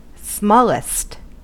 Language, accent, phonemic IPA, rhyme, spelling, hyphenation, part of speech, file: English, US, /ˈsmɔ.lɪst/, -ɔːlɪst, smallest, small‧est, adjective / adverb, En-us-smallest.ogg
- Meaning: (adjective) superlative form of small: most small